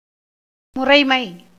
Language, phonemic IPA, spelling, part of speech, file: Tamil, /mʊrɐɪ̯mɐɪ̯/, முறைமை, noun, Ta-முறைமை.ogg
- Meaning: system, method, step